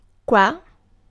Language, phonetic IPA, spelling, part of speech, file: Italian, [kwa], qua, adverb, It-qua.ogg